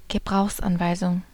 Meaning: instruction sheet, directions for use, operating manual
- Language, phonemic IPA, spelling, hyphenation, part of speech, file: German, /ɡəˈbʁaʊ̯xsʔanvaɪ̯zʊŋ/, Gebrauchsanweisung, Ge‧brauchs‧an‧wei‧sung, noun, De-Gebrauchsanweisung.ogg